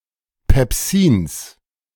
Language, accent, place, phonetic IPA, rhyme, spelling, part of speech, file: German, Germany, Berlin, [pɛpˈziːns], -iːns, Pepsins, noun, De-Pepsins.ogg
- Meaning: genitive singular of Pepsin